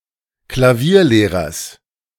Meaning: genitive singular of Klavierlehrer
- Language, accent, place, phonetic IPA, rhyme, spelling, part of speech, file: German, Germany, Berlin, [klaˈviːɐ̯ˌleːʁɐs], -iːɐ̯leːʁɐs, Klavierlehrers, noun, De-Klavierlehrers.ogg